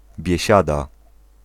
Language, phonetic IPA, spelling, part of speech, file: Polish, [bʲjɛ̇ˈɕada], biesiada, noun, Pl-biesiada.ogg